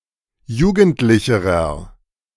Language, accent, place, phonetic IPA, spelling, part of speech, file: German, Germany, Berlin, [ˈjuːɡn̩tlɪçəʁɐ], jugendlicherer, adjective, De-jugendlicherer.ogg
- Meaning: inflection of jugendlich: 1. strong/mixed nominative masculine singular comparative degree 2. strong genitive/dative feminine singular comparative degree 3. strong genitive plural comparative degree